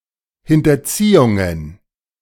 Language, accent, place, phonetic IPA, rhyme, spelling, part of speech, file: German, Germany, Berlin, [ˌhɪntɐˈt͡siːʊŋən], -iːʊŋən, Hinterziehungen, noun, De-Hinterziehungen.ogg
- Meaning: plural of Hinterziehung